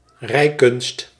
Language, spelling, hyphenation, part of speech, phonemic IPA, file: Dutch, rijkunst, rij‧kunst, noun, /ˈrɛi̯.kʏnst/, Nl-rijkunst.ogg
- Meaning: 1. equestrianism 2. one's horse-riding skills 3. one's driving skills